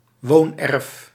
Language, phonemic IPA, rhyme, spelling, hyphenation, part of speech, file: Dutch, /ˈʋoːnˌɛrf/, -ɛrf, woonerf, woon‧erf, noun, Nl-woonerf.ogg
- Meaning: woonerf, living street